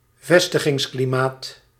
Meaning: the totality of conditions that affect the attractiveness of starting business operations in a country or area
- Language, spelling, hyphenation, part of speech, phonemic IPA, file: Dutch, vestigingsklimaat, ves‧ti‧gings‧kli‧maat, noun, /ˈvɛs.tə.ɣɪŋs.kliˌmaːt/, Nl-vestigingsklimaat.ogg